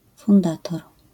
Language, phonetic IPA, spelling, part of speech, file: Polish, [fũnˈdatɔr], fundator, noun, LL-Q809 (pol)-fundator.wav